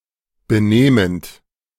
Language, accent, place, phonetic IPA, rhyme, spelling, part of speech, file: German, Germany, Berlin, [bəˈneːmənt], -eːmənt, benehmend, verb, De-benehmend.ogg
- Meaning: present participle of benehmen